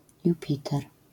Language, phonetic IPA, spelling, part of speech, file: Polish, [juˈpʲitɛr], jupiter, noun, LL-Q809 (pol)-jupiter.wav